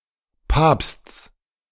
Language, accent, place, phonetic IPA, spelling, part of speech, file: German, Germany, Berlin, [paːpst͡s], Papsts, noun, De-Papsts.ogg
- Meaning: genitive of Papst